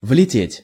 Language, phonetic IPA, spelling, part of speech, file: Russian, [vlʲɪˈtʲetʲ], влететь, verb, Ru-влететь.ogg
- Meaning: 1. to fly into 2. to run into (to enter while running), to burst into 3. to get into trouble